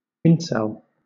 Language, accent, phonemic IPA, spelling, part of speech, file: English, Southern England, /ˈɪn(ˌ)sɛl/, incel, noun / adjective, LL-Q1860 (eng)-incel.wav
- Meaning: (noun) "Involuntary celibacy": the state of being not sexually active despite wishing to be